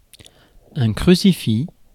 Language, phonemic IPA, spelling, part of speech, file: French, /kʁy.si.fi/, crucifix, noun, Fr-crucifix.ogg
- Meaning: crucifix